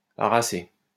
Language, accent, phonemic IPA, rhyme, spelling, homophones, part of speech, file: French, France, /a.ʁa.se/, -e, harasser, aracée / harassai / harassé / harassée / harassées / harassés / harassez, verb, LL-Q150 (fra)-harasser.wav
- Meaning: to exhaust, to wear out